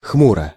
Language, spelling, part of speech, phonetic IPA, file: Russian, хмуро, adverb / adjective, [ˈxmurə], Ru-хмуро.ogg
- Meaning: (adverb) gloomily, somberly, dismally; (adjective) short neuter singular of хму́рый (xmúryj)